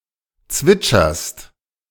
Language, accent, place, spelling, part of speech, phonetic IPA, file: German, Germany, Berlin, zwitscherst, verb, [ˈt͡svɪt͡ʃɐst], De-zwitscherst.ogg
- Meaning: second-person singular present of zwitschern